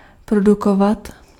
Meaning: to produce (film, music)
- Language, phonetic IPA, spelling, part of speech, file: Czech, [ˈprodukovat], produkovat, verb, Cs-produkovat.ogg